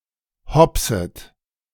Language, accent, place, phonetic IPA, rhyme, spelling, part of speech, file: German, Germany, Berlin, [ˈhɔpsət], -ɔpsət, hopset, verb, De-hopset.ogg
- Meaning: second-person plural subjunctive I of hopsen